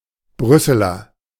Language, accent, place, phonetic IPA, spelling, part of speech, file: German, Germany, Berlin, [ˈbʁʏsəlɐ], Brüsseler, noun / adjective, De-Brüsseler.ogg
- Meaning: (noun) a native or inhabitant of Brussels; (adjective) of Brussels